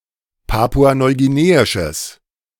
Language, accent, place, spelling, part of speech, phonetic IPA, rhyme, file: German, Germany, Berlin, papua-neuguineisches, adjective, [ˌpaːpuanɔɪ̯ɡiˈneːɪʃəs], -eːɪʃəs, De-papua-neuguineisches.ogg
- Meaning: strong/mixed nominative/accusative neuter singular of papua-neuguineisch